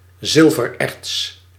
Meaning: silver ore
- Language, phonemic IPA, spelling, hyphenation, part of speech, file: Dutch, /ˈzɪl.vərˌɛrts/, zilvererts, zil‧ver‧erts, noun, Nl-zilvererts.ogg